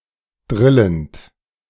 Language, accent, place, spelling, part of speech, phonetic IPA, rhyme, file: German, Germany, Berlin, drillend, verb, [ˈdʁɪlənt], -ɪlənt, De-drillend.ogg
- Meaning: present participle of drillen